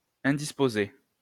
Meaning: feminine singular of indisposé
- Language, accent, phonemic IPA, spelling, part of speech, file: French, France, /ɛ̃.dis.po.ze/, indisposée, verb, LL-Q150 (fra)-indisposée.wav